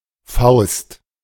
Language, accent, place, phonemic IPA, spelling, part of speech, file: German, Germany, Berlin, /faʊ̯st/, Faust, noun, De-Faust.ogg
- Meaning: fist